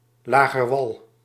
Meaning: alternative spelling of lager wal
- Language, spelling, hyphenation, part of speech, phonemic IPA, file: Dutch, lagerwal, la‧ger‧wal, noun, /ˌlaː.ɣərˈʋɑl/, Nl-lagerwal.ogg